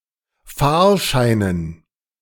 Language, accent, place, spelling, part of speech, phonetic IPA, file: German, Germany, Berlin, Fahrscheinen, noun, [ˈfaːɐ̯ˌʃaɪ̯nən], De-Fahrscheinen.ogg
- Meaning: dative plural of Fahrschein